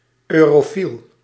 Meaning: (noun) 1. Europhile, pro-European (political supporter of the European Union) 2. Europhile (admirer of European culture); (adjective) Europhiliac, pro-European (supportive of the European Union)
- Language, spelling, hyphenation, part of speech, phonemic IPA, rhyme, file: Dutch, eurofiel, eu‧ro‧fiel, noun / adjective, /ˌøː.roːˈfil/, -il, Nl-eurofiel.ogg